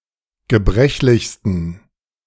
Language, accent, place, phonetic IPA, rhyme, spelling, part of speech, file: German, Germany, Berlin, [ɡəˈbʁɛçlɪçstn̩], -ɛçlɪçstn̩, gebrechlichsten, adjective, De-gebrechlichsten.ogg
- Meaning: 1. superlative degree of gebrechlich 2. inflection of gebrechlich: strong genitive masculine/neuter singular superlative degree